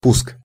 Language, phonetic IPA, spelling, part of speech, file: Russian, [ˈpusk], пуск, noun, Ru-пуск.ogg
- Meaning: 1. startup (act) 2. launch